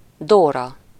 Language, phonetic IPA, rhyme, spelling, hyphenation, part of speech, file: Hungarian, [ˈdoːrɒ], -rɒ, Dóra, Dó‧ra, proper noun, Hu-Dóra.ogg
- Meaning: 1. a female given name, equivalent to English Dora 2. a diminutive of the female given name Dorottya